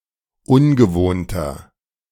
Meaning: 1. comparative degree of ungewohnt 2. inflection of ungewohnt: strong/mixed nominative masculine singular 3. inflection of ungewohnt: strong genitive/dative feminine singular
- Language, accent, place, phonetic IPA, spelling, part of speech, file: German, Germany, Berlin, [ˈʊnɡəˌvoːntɐ], ungewohnter, adjective, De-ungewohnter.ogg